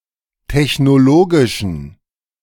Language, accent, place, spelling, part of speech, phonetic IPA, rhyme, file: German, Germany, Berlin, technologischen, adjective, [tɛçnoˈloːɡɪʃn̩], -oːɡɪʃn̩, De-technologischen.ogg
- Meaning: inflection of technologisch: 1. strong genitive masculine/neuter singular 2. weak/mixed genitive/dative all-gender singular 3. strong/weak/mixed accusative masculine singular 4. strong dative plural